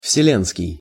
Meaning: 1. universe; universal 2. worldwide, universal 3. ecumenical
- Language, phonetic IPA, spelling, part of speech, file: Russian, [fsʲɪˈlʲenskʲɪj], вселенский, adjective, Ru-вселенский.ogg